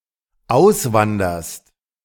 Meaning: second-person singular dependent present of auswandern
- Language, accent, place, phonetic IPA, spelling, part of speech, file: German, Germany, Berlin, [ˈaʊ̯sˌvandɐst], auswanderst, verb, De-auswanderst.ogg